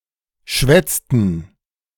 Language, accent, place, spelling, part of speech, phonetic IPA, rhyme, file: German, Germany, Berlin, schwätzten, verb, [ˈʃvɛt͡stn̩], -ɛt͡stn̩, De-schwätzten.ogg
- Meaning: inflection of schwätzen: 1. first/third-person plural preterite 2. first/third-person plural subjunctive II